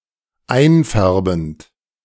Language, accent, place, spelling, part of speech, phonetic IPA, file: German, Germany, Berlin, einfärbend, verb, [ˈaɪ̯nˌfɛʁbn̩t], De-einfärbend.ogg
- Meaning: present participle of einfärben